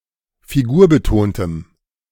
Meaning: strong dative masculine/neuter singular of figurbetont
- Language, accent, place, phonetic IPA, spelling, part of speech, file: German, Germany, Berlin, [fiˈɡuːɐ̯bəˌtoːntəm], figurbetontem, adjective, De-figurbetontem.ogg